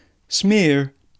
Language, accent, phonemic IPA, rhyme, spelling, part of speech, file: English, UK, /smɪə(ɹ)/, -ɪə(ɹ), smear, verb / noun, En-uk-smear.ogg
- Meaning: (verb) 1. To spread (a substance, especially one that colours or is dirty) across a surface by rubbing 2. To cover (a surface with a layer of some substance) by rubbing 3. To make something dirty